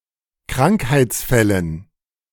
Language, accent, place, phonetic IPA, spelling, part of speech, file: German, Germany, Berlin, [ˈkʁaŋkhaɪ̯t͡sˌfɛlən], Krankheitsfällen, noun, De-Krankheitsfällen.ogg
- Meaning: dative plural of Krankheitsfall